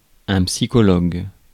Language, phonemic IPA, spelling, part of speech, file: French, /psi.kɔ.lɔɡ/, psychologue, noun, Fr-psychologue.ogg
- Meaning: psychologist